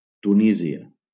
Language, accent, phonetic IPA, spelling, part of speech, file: Catalan, Valencia, [tuˈni.zi.a], Tunísia, proper noun, LL-Q7026 (cat)-Tunísia.wav
- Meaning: Tunisia (a country in North Africa)